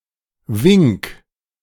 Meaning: 1. singular imperative of winken 2. first-person singular present of winken
- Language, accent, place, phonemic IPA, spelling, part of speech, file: German, Germany, Berlin, /vɪŋk/, wink, verb, De-wink.ogg